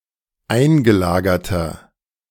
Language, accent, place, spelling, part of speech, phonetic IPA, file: German, Germany, Berlin, eingelagerter, adjective, [ˈaɪ̯nɡəˌlaːɡɐtɐ], De-eingelagerter.ogg
- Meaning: inflection of eingelagert: 1. strong/mixed nominative masculine singular 2. strong genitive/dative feminine singular 3. strong genitive plural